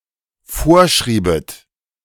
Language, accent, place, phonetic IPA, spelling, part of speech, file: German, Germany, Berlin, [ˈfoːɐ̯ˌʃʁiːbət], vorschriebet, verb, De-vorschriebet.ogg
- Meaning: second-person plural dependent subjunctive II of vorschreiben